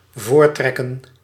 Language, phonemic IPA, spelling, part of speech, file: Dutch, /ˈvoːrˌtrɛ.kə(n)/, voortrekken, verb, Nl-voortrekken.ogg
- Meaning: to favour, to show favouritism towards